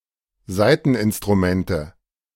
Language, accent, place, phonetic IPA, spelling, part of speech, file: German, Germany, Berlin, [ˈzaɪ̯tn̩ʔɪnstʁuˌmɛntə], Saiteninstrumente, noun, De-Saiteninstrumente.ogg
- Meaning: nominative/accusative/genitive plural of Saiteninstrument